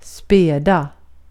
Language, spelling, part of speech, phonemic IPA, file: Swedish, späda, adjective / verb, /²spɛːda/, Sv-späda.ogg
- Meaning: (adjective) inflection of späd: 1. definite singular 2. plural; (verb) to dilute (add a fluid (often water) to another fluid to make it less strong)